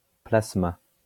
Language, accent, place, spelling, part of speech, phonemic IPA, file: French, France, Lyon, plasma, noun, /plas.ma/, LL-Q150 (fra)-plasma.wav
- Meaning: plasma (all senses)